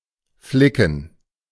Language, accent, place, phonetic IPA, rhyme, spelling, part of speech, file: German, Germany, Berlin, [ˈflɪkn̩], -ɪkn̩, Flicken, noun, De-Flicken.ogg
- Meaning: patch